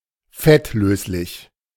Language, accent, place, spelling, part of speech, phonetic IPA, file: German, Germany, Berlin, fettlöslich, adjective, [ˈfɛtˌløːslɪç], De-fettlöslich.ogg
- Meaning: fat-soluble, lipophilic